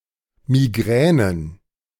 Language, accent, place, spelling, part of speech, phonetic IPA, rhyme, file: German, Germany, Berlin, Migränen, noun, [miˈɡʁɛːnən], -ɛːnən, De-Migränen.ogg
- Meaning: plural of Migräne